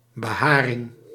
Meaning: hair cover (totality of hairs covering a surface)
- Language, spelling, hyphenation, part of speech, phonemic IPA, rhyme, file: Dutch, beharing, be‧ha‧ring, noun, /bəˈɦaː.rɪŋ/, -aːrɪŋ, Nl-beharing.ogg